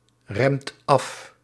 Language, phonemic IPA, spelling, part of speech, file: Dutch, /ˈrɛmt ˈɑf/, remt af, verb, Nl-remt af.ogg
- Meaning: inflection of afremmen: 1. second/third-person singular present indicative 2. plural imperative